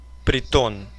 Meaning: 1. disorderly house, den, nest (hideout) 2. haunt, hangout
- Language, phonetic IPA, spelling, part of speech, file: Russian, [prʲɪˈton], притон, noun, Ru-прито́н.ogg